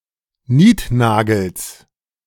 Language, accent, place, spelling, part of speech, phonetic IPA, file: German, Germany, Berlin, Niednagels, noun, [ˈniːtˌnaːɡl̩s], De-Niednagels.ogg
- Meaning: genitive of Niednagel